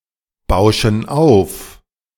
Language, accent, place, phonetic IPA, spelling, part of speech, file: German, Germany, Berlin, [ˌbaʊ̯ʃn̩ ˈaʊ̯f], bauschen auf, verb, De-bauschen auf.ogg
- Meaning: inflection of aufbauschen: 1. first/third-person plural present 2. first/third-person plural subjunctive I